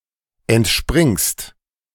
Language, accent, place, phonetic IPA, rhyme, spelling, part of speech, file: German, Germany, Berlin, [ɛntˈʃpʁɪŋst], -ɪŋst, entspringst, verb, De-entspringst.ogg
- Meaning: second-person singular present of entspringen